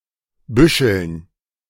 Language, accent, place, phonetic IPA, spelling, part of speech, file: German, Germany, Berlin, [ˈbʏʃl̩n], Büscheln, noun, De-Büscheln.ogg
- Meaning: dative plural of Büschel